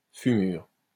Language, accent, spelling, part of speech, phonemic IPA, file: French, France, fumure, noun, /fy.myʁ/, LL-Q150 (fra)-fumure.wav
- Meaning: manuring, fertilizing (land)